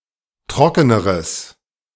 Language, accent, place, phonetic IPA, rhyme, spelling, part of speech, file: German, Germany, Berlin, [ˈtʁɔkənəʁəs], -ɔkənəʁəs, trockeneres, adjective, De-trockeneres.ogg
- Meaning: strong/mixed nominative/accusative neuter singular comparative degree of trocken